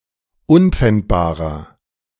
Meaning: inflection of unpfändbar: 1. strong/mixed nominative masculine singular 2. strong genitive/dative feminine singular 3. strong genitive plural
- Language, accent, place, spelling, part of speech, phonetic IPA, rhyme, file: German, Germany, Berlin, unpfändbarer, adjective, [ˈʊnp͡fɛntbaːʁɐ], -ɛntbaːʁɐ, De-unpfändbarer.ogg